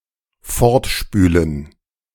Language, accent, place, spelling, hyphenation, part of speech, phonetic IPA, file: German, Germany, Berlin, fortspülen, fort‧spü‧len, verb, [ˈfɔʁtˌʃpyːlən], De-fortspülen.ogg
- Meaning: to wash away